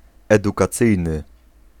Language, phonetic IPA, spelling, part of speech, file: Polish, [ˌɛdukaˈt͡sɨjnɨ], edukacyjny, adjective, Pl-edukacyjny.ogg